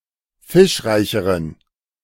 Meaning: inflection of fischreich: 1. strong genitive masculine/neuter singular comparative degree 2. weak/mixed genitive/dative all-gender singular comparative degree
- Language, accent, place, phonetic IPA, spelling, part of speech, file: German, Germany, Berlin, [ˈfɪʃˌʁaɪ̯çəʁən], fischreicheren, adjective, De-fischreicheren.ogg